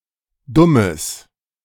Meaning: strong/mixed nominative/accusative neuter singular of dumm
- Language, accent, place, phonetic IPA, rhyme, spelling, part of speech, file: German, Germany, Berlin, [ˈdʊməs], -ʊməs, dummes, adjective, De-dummes.ogg